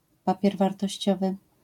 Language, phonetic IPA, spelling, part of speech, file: Polish, [ˈpapʲjɛr ˌvartɔɕˈt͡ɕɔvɨ], papier wartościowy, noun, LL-Q809 (pol)-papier wartościowy.wav